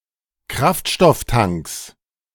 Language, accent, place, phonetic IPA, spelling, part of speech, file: German, Germany, Berlin, [ˈkʁaftʃtɔfˌtaŋks], Kraftstofftanks, noun, De-Kraftstofftanks.ogg
- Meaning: plural of Kraftstofftank